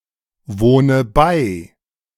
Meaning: inflection of beiwohnen: 1. first-person singular present 2. first/third-person singular subjunctive I 3. singular imperative
- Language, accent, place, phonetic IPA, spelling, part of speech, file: German, Germany, Berlin, [ˌvoːnə ˈbaɪ̯], wohne bei, verb, De-wohne bei.ogg